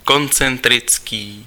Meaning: concentric
- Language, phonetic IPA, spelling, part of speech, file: Czech, [ˈkont͡sɛntrɪt͡skiː], koncentrický, adjective, Cs-koncentrický.ogg